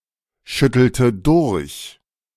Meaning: inflection of durchschütteln: 1. first/third-person singular preterite 2. first/third-person singular subjunctive II
- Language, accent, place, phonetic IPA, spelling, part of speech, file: German, Germany, Berlin, [ˌʃʏtl̩tə ˈdʊʁç], schüttelte durch, verb, De-schüttelte durch.ogg